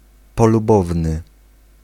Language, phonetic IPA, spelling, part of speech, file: Polish, [ˌpɔluˈbɔvnɨ], polubowny, adjective, Pl-polubowny.ogg